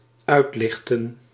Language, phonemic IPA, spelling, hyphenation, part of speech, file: Dutch, /ˈœy̯tˌlɪx.tə(n)/, uitlichten, uit‧lich‧ten, verb, Nl-uitlichten.ogg
- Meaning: 1. to lift 2. to select, to focus on 3. to read out 4. to lighten, to cover in light